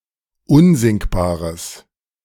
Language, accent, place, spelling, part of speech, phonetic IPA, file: German, Germany, Berlin, unsinkbares, adjective, [ˈʊnzɪŋkbaːʁəs], De-unsinkbares.ogg
- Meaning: strong/mixed nominative/accusative neuter singular of unsinkbar